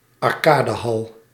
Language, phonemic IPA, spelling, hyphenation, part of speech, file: Dutch, /ɑrˈkaː.dəˌɦɑl/, arcadehal, ar‧ca‧de‧hal, noun, Nl-arcadehal.ogg
- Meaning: arcade (place where coin-operated games can be played)